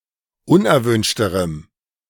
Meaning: strong dative masculine/neuter singular comparative degree of unerwünscht
- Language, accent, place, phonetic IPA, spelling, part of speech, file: German, Germany, Berlin, [ˈʊnʔɛɐ̯ˌvʏnʃtəʁəm], unerwünschterem, adjective, De-unerwünschterem.ogg